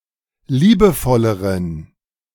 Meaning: inflection of liebevoll: 1. strong genitive masculine/neuter singular comparative degree 2. weak/mixed genitive/dative all-gender singular comparative degree
- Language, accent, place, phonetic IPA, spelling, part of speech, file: German, Germany, Berlin, [ˈliːbəˌfɔləʁən], liebevolleren, adjective, De-liebevolleren.ogg